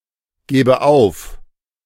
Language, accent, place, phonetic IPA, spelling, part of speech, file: German, Germany, Berlin, [ˌɡɛːbə ˈaʊ̯f], gäbe auf, verb, De-gäbe auf.ogg
- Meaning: first/third-person singular subjunctive II of aufgeben